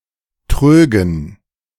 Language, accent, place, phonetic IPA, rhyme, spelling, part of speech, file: German, Germany, Berlin, [ˈtʁøːɡn̩], -øːɡn̩, trögen, verb, De-trögen.ogg
- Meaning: first/third-person plural subjunctive II of trügen